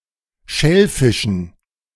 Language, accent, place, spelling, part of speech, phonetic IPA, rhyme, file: German, Germany, Berlin, Schellfischen, noun, [ˈʃɛlˌfɪʃn̩], -ɛlfɪʃn̩, De-Schellfischen.ogg
- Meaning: dative plural of Schellfisch